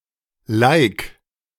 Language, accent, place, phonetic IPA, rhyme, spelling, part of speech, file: German, Germany, Berlin, [laɪ̯k], -aɪ̯k, lik, verb, De-lik.ogg
- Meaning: 1. singular imperative of liken 2. first-person singular present of liken